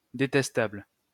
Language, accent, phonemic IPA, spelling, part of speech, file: French, France, /de.tɛs.tabl/, détestable, adjective, LL-Q150 (fra)-détestable.wav
- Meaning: 1. detestable, despicable 2. awful, terrible, very bad at something